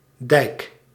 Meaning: dike, levee
- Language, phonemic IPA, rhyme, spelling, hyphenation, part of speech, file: Dutch, /dɛi̯k/, -ɛi̯k, dijk, dijk, noun, Nl-dijk.ogg